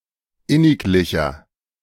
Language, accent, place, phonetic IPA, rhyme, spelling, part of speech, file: German, Germany, Berlin, [ˈɪnɪkˌlɪçɐ], -ɪnɪklɪçɐ, inniglicher, adjective, De-inniglicher.ogg
- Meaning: 1. comparative degree of inniglich 2. inflection of inniglich: strong/mixed nominative masculine singular 3. inflection of inniglich: strong genitive/dative feminine singular